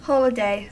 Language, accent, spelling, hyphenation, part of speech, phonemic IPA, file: English, General American, holiday, hol‧i‧day, noun / verb, /ˈhɑləˌdeɪ/, En-us-holiday.ogg
- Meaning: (noun) 1. A day on which a religious event or secular celebration is traditionally observed 2. A day declared free from work by the state or government